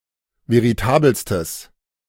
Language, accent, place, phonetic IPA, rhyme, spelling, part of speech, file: German, Germany, Berlin, [veʁiˈtaːbəlstəs], -aːbəlstəs, veritabelstes, adjective, De-veritabelstes.ogg
- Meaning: strong/mixed nominative/accusative neuter singular superlative degree of veritabel